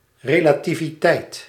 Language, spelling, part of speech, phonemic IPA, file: Dutch, relativiteit, noun, /ˌreː.laː.ti.viˈtɛi̯t/, Nl-relativiteit.ogg
- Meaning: relativity